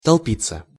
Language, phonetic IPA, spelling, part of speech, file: Russian, [tɐɫˈpʲit͡sːə], толпиться, verb, Ru-толпиться.ogg
- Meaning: to crowd, to throng, to cluster